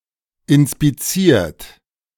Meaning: 1. past participle of inspizieren 2. inflection of inspizieren: third-person singular present 3. inflection of inspizieren: second-person plural present 4. inflection of inspizieren: plural imperative
- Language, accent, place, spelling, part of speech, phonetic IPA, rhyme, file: German, Germany, Berlin, inspiziert, verb, [ɪnspiˈt͡siːɐ̯t], -iːɐ̯t, De-inspiziert.ogg